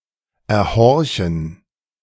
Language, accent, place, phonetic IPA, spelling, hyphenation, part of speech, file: German, Germany, Berlin, [ɛɐ̯ˈhɔʁçn̩], erhorchen, er‧hor‧chen, verb, De-erhorchen.ogg
- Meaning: to hear by eavesdropping